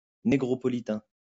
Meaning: born in France, of Afro-Caribbean ancestry
- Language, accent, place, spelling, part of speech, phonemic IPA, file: French, France, Lyon, négropolitain, adjective, /ne.ɡʁɔ.pɔ.li.tɛ̃/, LL-Q150 (fra)-négropolitain.wav